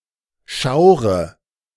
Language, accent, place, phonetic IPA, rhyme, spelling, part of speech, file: German, Germany, Berlin, [ˈʃaʊ̯ʁə], -aʊ̯ʁə, schaure, verb, De-schaure.ogg
- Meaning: inflection of schauern: 1. first-person singular present 2. first/third-person singular subjunctive I 3. singular imperative